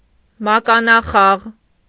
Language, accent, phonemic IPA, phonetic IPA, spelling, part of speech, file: Armenian, Eastern Armenian, /mɑkɑnɑˈχɑʁ/, [mɑkɑnɑχɑ́ʁ], մականախաղ, noun, Hy-մականախաղ.ogg
- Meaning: 1. hockey 2. jereed (equestrian team sport)